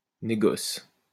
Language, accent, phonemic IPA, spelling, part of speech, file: French, France, /ne.ɡɔs/, négoce, noun, LL-Q150 (fra)-négoce.wav
- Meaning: business